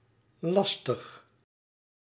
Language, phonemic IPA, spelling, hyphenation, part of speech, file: Dutch, /ˈlɑs.təx/, lastig, las‧tig, adjective, Nl-lastig.ogg
- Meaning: 1. tough, difficult 2. cumbersome, gruelling 3. inconvenient